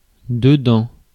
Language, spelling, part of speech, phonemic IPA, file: French, dedans, adverb / noun / preposition, /də.dɑ̃/, Fr-dedans.ogg
- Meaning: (adverb) towards the inside; inwardly; internally; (noun) interior, inside (of an object); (preposition) inside, in, within